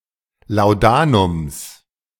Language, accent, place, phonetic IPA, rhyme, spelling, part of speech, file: German, Germany, Berlin, [laʊ̯ˈdaːnʊms], -aːnʊms, Laudanums, noun, De-Laudanums.ogg
- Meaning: genitive of Laudanum